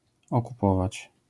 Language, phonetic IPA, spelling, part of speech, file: Polish, [ˌɔkuˈpɔvat͡ɕ], okupować, verb, LL-Q809 (pol)-okupować.wav